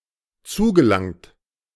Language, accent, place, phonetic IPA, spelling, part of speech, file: German, Germany, Berlin, [ˈt͡suːɡəˌlaŋt], zugelangt, verb, De-zugelangt.ogg
- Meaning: past participle of zulangen